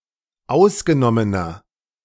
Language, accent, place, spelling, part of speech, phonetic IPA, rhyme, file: German, Germany, Berlin, ausgenommener, adjective, [ˈaʊ̯sɡəˌnɔmənɐ], -aʊ̯sɡənɔmənɐ, De-ausgenommener.ogg
- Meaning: inflection of ausgenommen: 1. strong/mixed nominative masculine singular 2. strong genitive/dative feminine singular 3. strong genitive plural